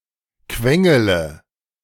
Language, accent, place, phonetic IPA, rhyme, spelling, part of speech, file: German, Germany, Berlin, [ˈkvɛŋələ], -ɛŋələ, quengele, verb, De-quengele.ogg
- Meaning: inflection of quengeln: 1. first-person singular present 2. first-person plural subjunctive I 3. third-person singular subjunctive I 4. singular imperative